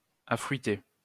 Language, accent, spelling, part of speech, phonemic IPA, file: French, France, affruiter, verb, /a.fʁɥi.te/, LL-Q150 (fra)-affruiter.wav
- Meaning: to fruit